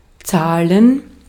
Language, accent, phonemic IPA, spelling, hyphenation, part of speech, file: German, Austria, /ˈtsaːln̩/, zahlen, zah‧len, verb, De-at-zahlen.ogg
- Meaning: 1. to pay 2. to pay, to atone 3. to pay out